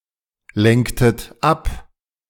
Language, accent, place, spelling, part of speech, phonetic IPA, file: German, Germany, Berlin, lenktet ab, verb, [ˌlɛŋktət ˈap], De-lenktet ab.ogg
- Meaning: inflection of ablenken: 1. second-person plural preterite 2. second-person plural subjunctive II